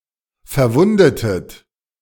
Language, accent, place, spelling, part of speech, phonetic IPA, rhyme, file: German, Germany, Berlin, verwundetet, verb, [fɛɐ̯ˈvʊndətət], -ʊndətət, De-verwundetet.ogg
- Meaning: inflection of verwunden: 1. second-person plural preterite 2. second-person plural subjunctive II